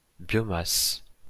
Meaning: biomass
- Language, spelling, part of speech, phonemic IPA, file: French, biomasse, noun, /bjɔ.mas/, LL-Q150 (fra)-biomasse.wav